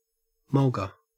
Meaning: 1. Any of a number of small acacia trees, especially Acacia aneura, forming dense scrub in dry inland areas of Australia 2. Any region where mulga is the predominant vegetation 3. The outback
- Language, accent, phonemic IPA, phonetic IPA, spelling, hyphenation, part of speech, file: English, Australia, /ˈmɐlɡə/, [ˈmɔʊlɡɐ], mulga, mul‧ga, noun, En-au-mulga.ogg